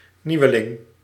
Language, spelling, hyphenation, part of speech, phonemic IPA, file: Dutch, nieuweling, nieu‧we‧ling, noun, /ˈniu̯əˌlɪŋ/, Nl-nieuweling.ogg
- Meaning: 1. a newcomer, newbie, new (often inexperienced) user, member etc 2. a novice, beginner, greenhorn, inexperienced player, participant etc